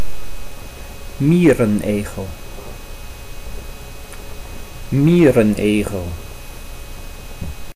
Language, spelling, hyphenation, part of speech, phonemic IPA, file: Dutch, mierenegel, mie‧ren‧egel, noun, /ˈmiː.rənˌeː.ɣəl/, Nl-mierenegel.ogg
- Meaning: echidna, any member of the family Tachyglossidae